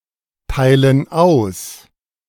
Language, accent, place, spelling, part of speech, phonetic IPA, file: German, Germany, Berlin, teilen aus, verb, [ˌtaɪ̯lən ˈaʊ̯s], De-teilen aus.ogg
- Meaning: inflection of austeilen: 1. first/third-person plural present 2. first/third-person plural subjunctive I